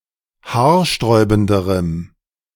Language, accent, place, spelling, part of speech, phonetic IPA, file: German, Germany, Berlin, haarsträubenderem, adjective, [ˈhaːɐ̯ˌʃtʁɔɪ̯bn̩dəʁəm], De-haarsträubenderem.ogg
- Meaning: strong dative masculine/neuter singular comparative degree of haarsträubend